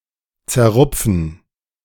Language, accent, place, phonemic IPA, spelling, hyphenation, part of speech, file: German, Germany, Berlin, /t͡sɛɐ̯ˈʁʊp͡fn̩/, zerrupfen, zer‧rup‧fen, verb, De-zerrupfen.ogg
- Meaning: to tear apart